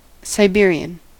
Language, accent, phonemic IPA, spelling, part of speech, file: English, US, /ˌsaɪˈbɪ.ɹi.ən/, Siberian, adjective / noun, En-us-Siberian.ogg
- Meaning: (adjective) Of or relating to Siberia; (noun) 1. A person from Siberia 2. A long-haired domestic cat breed